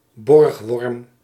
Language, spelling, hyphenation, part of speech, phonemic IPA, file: Dutch, Borgworm, Borg‧worm, proper noun, /ˈbɔrx.ʋɔrm/, Nl-Borgworm.ogg
- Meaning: Waremme, a town in Belgium